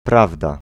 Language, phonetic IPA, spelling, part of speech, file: Polish, [ˈpravda], prawda, noun / interjection, Pl-prawda.ogg